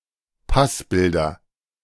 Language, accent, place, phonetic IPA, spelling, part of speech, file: German, Germany, Berlin, [ˈpasˌbɪldɐ], Passbilder, noun, De-Passbilder.ogg
- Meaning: nominative/accusative/genitive plural of Passbild